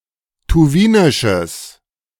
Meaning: strong/mixed nominative/accusative neuter singular of tuwinisch
- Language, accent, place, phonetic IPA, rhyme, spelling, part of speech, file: German, Germany, Berlin, [tuˈviːnɪʃəs], -iːnɪʃəs, tuwinisches, adjective, De-tuwinisches.ogg